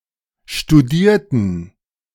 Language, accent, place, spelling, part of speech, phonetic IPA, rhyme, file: German, Germany, Berlin, studierten, adjective / verb, [ʃtuˈdiːɐ̯tn̩], -iːɐ̯tn̩, De-studierten.ogg
- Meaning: inflection of studieren: 1. first/third-person plural preterite 2. first/third-person plural subjunctive II